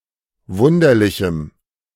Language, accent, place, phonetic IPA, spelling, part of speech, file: German, Germany, Berlin, [ˈvʊndɐlɪçm̩], wunderlichem, adjective, De-wunderlichem.ogg
- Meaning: strong dative masculine/neuter singular of wunderlich